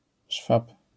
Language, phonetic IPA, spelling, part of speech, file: Polish, [ʃfap], szwab, noun, LL-Q809 (pol)-szwab.wav